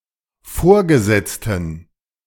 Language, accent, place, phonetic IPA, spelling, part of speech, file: German, Germany, Berlin, [ˈfoːɐ̯ɡəˌzɛt͡stn̩], Vorgesetzten, noun, De-Vorgesetzten.ogg
- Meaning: plural of Vorgesetzte